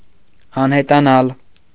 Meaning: to disappear, vanish
- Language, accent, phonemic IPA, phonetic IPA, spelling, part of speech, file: Armenian, Eastern Armenian, /ɑnhetɑˈnɑl/, [ɑnhetɑnɑ́l], անհետանալ, verb, Hy-անհետանալ .ogg